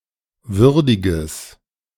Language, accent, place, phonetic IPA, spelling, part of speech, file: German, Germany, Berlin, [ˈvʏʁdɪɡəs], würdiges, adjective, De-würdiges.ogg
- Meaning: strong/mixed nominative/accusative neuter singular of würdig